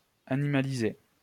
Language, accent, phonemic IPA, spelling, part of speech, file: French, France, /a.ni.ma.li.ze/, animaliser, verb, LL-Q150 (fra)-animaliser.wav
- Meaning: to animalize